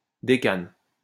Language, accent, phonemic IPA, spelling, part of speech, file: French, France, /de.kan/, décane, noun, LL-Q150 (fra)-décane.wav
- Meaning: decane